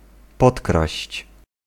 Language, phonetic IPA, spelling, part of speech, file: Polish, [ˈpɔtkraɕt͡ɕ], podkraść, verb, Pl-podkraść.ogg